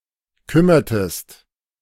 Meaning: inflection of kümmern: 1. second-person singular preterite 2. second-person singular subjunctive II
- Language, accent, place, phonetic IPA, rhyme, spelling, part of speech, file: German, Germany, Berlin, [ˈkʏmɐtəst], -ʏmɐtəst, kümmertest, verb, De-kümmertest.ogg